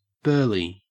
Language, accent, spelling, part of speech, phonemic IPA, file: English, Australia, burly, adjective, /ˈbɜːli/, En-au-burly.ogg
- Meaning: 1. Large, well-built, and muscular 2. Great, amazing, unbelievable 3. Of large magnitude, either good or bad, and sometimes both 4. Full of burls or knots; knotty